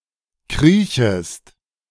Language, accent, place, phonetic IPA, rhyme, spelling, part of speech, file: German, Germany, Berlin, [ˈkʁiːçəst], -iːçəst, kriechest, verb, De-kriechest.ogg
- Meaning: second-person singular subjunctive I of kriechen